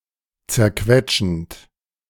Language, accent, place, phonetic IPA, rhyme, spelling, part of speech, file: German, Germany, Berlin, [t͡sɛɐ̯ˈkvɛt͡ʃn̩t], -ɛt͡ʃn̩t, zerquetschend, verb, De-zerquetschend.ogg
- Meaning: present participle of zerquetschen